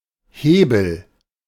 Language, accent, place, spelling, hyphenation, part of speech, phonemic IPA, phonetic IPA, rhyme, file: German, Germany, Berlin, Hebel, He‧bel, noun / proper noun, /ˈheːbəl/, [ˈheː.bl̩], -eːbl̩, De-Hebel.ogg
- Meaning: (noun) 1. operating lever, hand gear 2. lever 3. lever hold 4. leverage; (proper noun) a surname